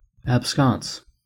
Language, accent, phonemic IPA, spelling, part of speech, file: English, US, /ˌæbˈskɑns/, absconce, noun, En-us-absconce.ogg
- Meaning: A dark lantern used in church to read prayers etc during a service